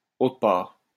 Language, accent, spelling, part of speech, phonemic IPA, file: French, France, autre part, adverb, /o.tʁə paʁ/, LL-Q150 (fra)-autre part.wav
- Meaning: somewhere else